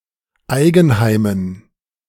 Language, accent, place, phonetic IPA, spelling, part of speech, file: German, Germany, Berlin, [ˈaɪ̯ɡn̩ˌhaɪ̯mən], Eigenheimen, noun, De-Eigenheimen.ogg
- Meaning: dative plural of Eigenheim